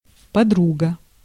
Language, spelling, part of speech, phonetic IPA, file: Russian, подруга, noun, [pɐˈdruɡə], Ru-подруга.ogg
- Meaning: 1. female equivalent of друг (drug): female friend, friendess 2. girlfriend